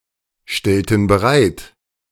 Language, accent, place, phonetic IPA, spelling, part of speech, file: German, Germany, Berlin, [ˌʃtɛltn̩ bəˈʁaɪ̯t], stellten bereit, verb, De-stellten bereit.ogg
- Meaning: inflection of bereitstellen: 1. first/third-person plural preterite 2. first/third-person plural subjunctive II